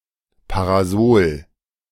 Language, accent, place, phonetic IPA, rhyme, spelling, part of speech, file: German, Germany, Berlin, [paʁaˈzoːl], -oːl, Parasol, noun, De-Parasol.ogg
- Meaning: 1. parasol mushroom 2. parasol